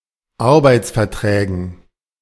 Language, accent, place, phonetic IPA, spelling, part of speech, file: German, Germany, Berlin, [ˈaʁbaɪ̯t͡sfɛɐ̯ˌtʁɛːɡn̩], Arbeitsverträgen, noun, De-Arbeitsverträgen.ogg
- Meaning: dative plural of Arbeitsvertrag